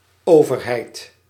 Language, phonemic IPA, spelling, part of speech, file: Dutch, /ˈovərɦɛit/, overheid, noun, Nl-overheid.ogg
- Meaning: the government, the authorities (the state and its administration; governmental administration in the widest sense)